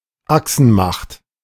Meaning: Axis power (member country of the World War II Axis)
- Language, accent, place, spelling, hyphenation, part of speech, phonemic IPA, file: German, Germany, Berlin, Achsenmacht, Ach‧sen‧macht, noun, /ˈaksn̩ˌmaxt/, De-Achsenmacht.ogg